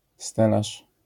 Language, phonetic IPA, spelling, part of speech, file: Polish, [ˈstɛlaʃ], stelaż, noun, LL-Q809 (pol)-stelaż.wav